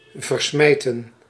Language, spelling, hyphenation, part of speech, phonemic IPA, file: Dutch, versmijten, ver‧smij‧ten, verb, /ˌvərˈsmɛi̯.tə(n)/, Nl-versmijten.ogg
- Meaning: 1. to destroy by throwing away 2. to displace by throwing away 3. to throw away, to waste